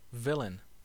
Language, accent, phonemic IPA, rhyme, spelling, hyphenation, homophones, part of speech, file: English, US, /ˈvɪl.ən/, -ɪlən, villain, vil‧lain, villein, noun / verb, En-us-villain.ogg
- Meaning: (noun) 1. A vile, wicked person 2. A vile, wicked person.: An extremely depraved person, or one capable or guilty of great crimes 3. A vile, wicked person.: A deliberate scoundrel